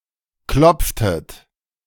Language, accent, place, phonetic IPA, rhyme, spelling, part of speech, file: German, Germany, Berlin, [ˈklɔp͡ftət], -ɔp͡ftət, klopftet, verb, De-klopftet.ogg
- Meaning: inflection of klopfen: 1. second-person plural preterite 2. second-person plural subjunctive II